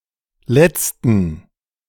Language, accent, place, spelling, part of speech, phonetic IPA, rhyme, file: German, Germany, Berlin, letzten, adjective / verb, [ˈlɛt͡stn̩], -ɛt͡stn̩, De-letzten.ogg
- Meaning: inflection of letzter: 1. strong genitive masculine/neuter singular 2. weak/mixed genitive/dative all-gender singular 3. strong/weak/mixed accusative masculine singular 4. strong dative plural